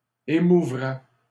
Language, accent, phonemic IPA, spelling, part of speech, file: French, Canada, /e.mu.vʁɛ/, émouvrait, verb, LL-Q150 (fra)-émouvrait.wav
- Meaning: third-person singular conditional of émouvoir